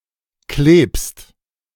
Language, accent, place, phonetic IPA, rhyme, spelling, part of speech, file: German, Germany, Berlin, [kleːpst], -eːpst, klebst, verb, De-klebst.ogg
- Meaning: second-person singular present of kleben